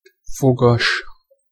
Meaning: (adjective) 1. toothed 2. cogged, serrate 3. dentate (plant) 4. difficult, thorny (used only in the expression fogas kérdés); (noun) coat hanger, coat rack, coat stand
- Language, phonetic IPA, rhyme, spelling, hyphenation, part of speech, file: Hungarian, [ˈfoɡɒʃ], -ɒʃ, fogas, fo‧gas, adjective / noun, Hu-fogas.ogg